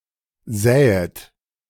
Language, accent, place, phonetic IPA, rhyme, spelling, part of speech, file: German, Germany, Berlin, [ˈzɛːət], -ɛːət, säet, verb, De-säet.ogg
- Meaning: second-person plural subjunctive I of säen